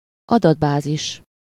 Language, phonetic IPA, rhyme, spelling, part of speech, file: Hungarian, [ˈɒdɒdbaːziʃ], -iʃ, adatbázis, noun, Hu-adatbázis.ogg
- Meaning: database